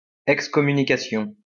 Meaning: excommunication
- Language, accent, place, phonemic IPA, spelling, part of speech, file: French, France, Lyon, /ɛk.skɔ.my.ni.ka.sjɔ̃/, excommunication, noun, LL-Q150 (fra)-excommunication.wav